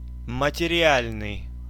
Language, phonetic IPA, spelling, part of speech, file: Russian, [mətʲɪrʲɪˈalʲnɨj], материальный, adjective, Ru-материальный.ogg
- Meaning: 1. material 2. pecuniary, financial